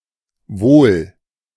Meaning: 1. good 2. weal 3. wealthy 4. welfare 5. well-being
- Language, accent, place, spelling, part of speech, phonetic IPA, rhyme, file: German, Germany, Berlin, Wohl, noun / proper noun, [voːl], -oːl, De-Wohl.ogg